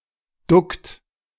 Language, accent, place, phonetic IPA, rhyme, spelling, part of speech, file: German, Germany, Berlin, [dʊkt], -ʊkt, duckt, verb, De-duckt.ogg
- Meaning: inflection of ducken: 1. third-person singular present 2. second-person plural present 3. plural imperative